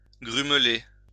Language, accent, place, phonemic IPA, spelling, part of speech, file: French, France, Lyon, /ɡʁym.le/, grumeler, verb, LL-Q150 (fra)-grumeler.wav
- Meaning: to become lumpy